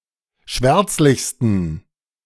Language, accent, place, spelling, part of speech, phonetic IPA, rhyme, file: German, Germany, Berlin, schwärzlichsten, adjective, [ˈʃvɛʁt͡slɪçstn̩], -ɛʁt͡slɪçstn̩, De-schwärzlichsten.ogg
- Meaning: 1. superlative degree of schwärzlich 2. inflection of schwärzlich: strong genitive masculine/neuter singular superlative degree